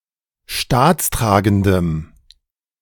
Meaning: strong dative masculine/neuter singular of staatstragend
- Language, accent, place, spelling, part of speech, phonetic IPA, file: German, Germany, Berlin, staatstragendem, adjective, [ˈʃtaːt͡sˌtʁaːɡn̩dəm], De-staatstragendem.ogg